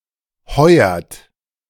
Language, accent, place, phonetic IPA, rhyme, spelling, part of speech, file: German, Germany, Berlin, [ˈhɔɪ̯ɐt], -ɔɪ̯ɐt, heuert, verb, De-heuert.ogg
- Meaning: inflection of heuern: 1. third-person singular present 2. second-person plural present 3. plural imperative